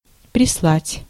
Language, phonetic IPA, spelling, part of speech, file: Russian, [prʲɪsˈɫatʲ], прислать, verb, Ru-прислать.ogg
- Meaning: to send (here, to this place)